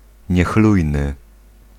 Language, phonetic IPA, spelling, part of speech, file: Polish, [ɲɛˈxlujnɨ], niechlujny, adjective, Pl-niechlujny.ogg